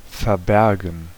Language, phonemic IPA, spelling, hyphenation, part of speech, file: German, /fɛɐ̯ˈbɛʁɡn̩/, verbergen, ver‧ber‧gen, verb, De-verbergen.ogg
- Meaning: to hide, conceal from view, keep secret